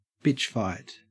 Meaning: a fight between women, gay men, and/or other effeminate people
- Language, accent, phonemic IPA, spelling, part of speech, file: English, Australia, /ˈbɪtʃ ˈfaɪt/, bitch fight, noun, En-au-bitch fight.ogg